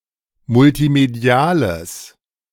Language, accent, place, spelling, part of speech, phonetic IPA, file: German, Germany, Berlin, multimediales, adjective, [mʊltiˈmedi̯aːləs], De-multimediales.ogg
- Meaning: strong/mixed nominative/accusative neuter singular of multimedial